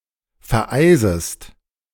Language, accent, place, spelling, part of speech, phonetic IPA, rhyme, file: German, Germany, Berlin, vereisest, verb, [fɛɐ̯ˈʔaɪ̯zəst], -aɪ̯zəst, De-vereisest.ogg
- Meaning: second-person singular subjunctive I of vereisen